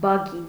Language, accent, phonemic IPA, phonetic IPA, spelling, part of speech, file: Armenian, Eastern Armenian, /bɑˈɡin/, [bɑɡín], բագին, noun, Hy-բագին.ogg
- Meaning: 1. altar (pagan) 2. pagan shrine, pagan temple